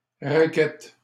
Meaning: 1. racquet / racket (for tennis, badminton, etc.) 2. ellipsis of raquette à neige (“snowshoe”) 3. an ellipsoid flight feather barbed distally from the rachis 4. prickly pear (cactus) (Opuntia)
- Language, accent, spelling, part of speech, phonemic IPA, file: French, Canada, raquette, noun, /ʁa.kɛt/, LL-Q150 (fra)-raquette.wav